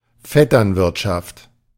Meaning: nepotism, cronyism
- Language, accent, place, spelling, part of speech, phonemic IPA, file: German, Germany, Berlin, Vetternwirtschaft, noun, /ˈfɛtɐnvɪrtʃaft/, De-Vetternwirtschaft.ogg